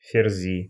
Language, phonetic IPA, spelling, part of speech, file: Russian, [fʲɪrˈzʲi], ферзи, noun, Ru-ферзи.ogg
- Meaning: nominative plural of ферзь (ferzʹ)